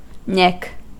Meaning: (noun) A small cut in a surface.: A particular place or point considered as marked by a nick; the exact point or critical moment
- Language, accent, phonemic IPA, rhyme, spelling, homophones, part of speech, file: English, General American, /nɪk/, -ɪk, nick, nic / Nick, noun / verb, En-us-nick.ogg